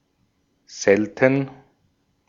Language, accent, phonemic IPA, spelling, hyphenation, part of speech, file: German, Austria, /ˈzɛltən/, selten, sel‧ten, adjective / adverb, De-at-selten.ogg
- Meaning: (adjective) 1. rare, infrequent, uncommon, scarce 2. unusual, curious; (adverb) 1. seldom; rarely 2. unusually; extremely